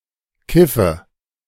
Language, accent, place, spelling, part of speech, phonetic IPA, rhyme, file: German, Germany, Berlin, kiffe, verb, [ˈkɪfə], -ɪfə, De-kiffe.ogg
- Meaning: 1. first-person singular subjunctive II of keifen 2. inflection of kiffen: first-person singular present 3. inflection of kiffen: first/third-person singular subjunctive I